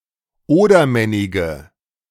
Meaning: nominative/accusative/genitive plural of Odermennig
- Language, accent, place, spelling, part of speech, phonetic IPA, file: German, Germany, Berlin, Odermennige, noun, [ˈoːdɐˌmɛnɪɡə], De-Odermennige.ogg